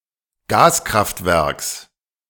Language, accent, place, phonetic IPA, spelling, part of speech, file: German, Germany, Berlin, [ˈɡaːskʁaftˌvɛʁks], Gaskraftwerks, noun, De-Gaskraftwerks.ogg
- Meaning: genitive singular of Gaskraftwerk